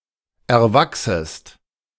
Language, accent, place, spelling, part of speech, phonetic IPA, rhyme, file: German, Germany, Berlin, erwachsest, verb, [ɛɐ̯ˈvaksəst], -aksəst, De-erwachsest.ogg
- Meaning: second-person singular subjunctive I of erwachsen